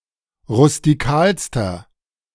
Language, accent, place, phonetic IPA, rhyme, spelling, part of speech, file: German, Germany, Berlin, [ʁʊstiˈkaːlstɐ], -aːlstɐ, rustikalster, adjective, De-rustikalster.ogg
- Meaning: inflection of rustikal: 1. strong/mixed nominative masculine singular superlative degree 2. strong genitive/dative feminine singular superlative degree 3. strong genitive plural superlative degree